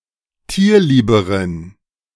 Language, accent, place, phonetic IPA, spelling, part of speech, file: German, Germany, Berlin, [ˈtiːɐ̯ˌliːbəʁən], tierlieberen, adjective, De-tierlieberen.ogg
- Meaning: inflection of tierlieb: 1. strong genitive masculine/neuter singular comparative degree 2. weak/mixed genitive/dative all-gender singular comparative degree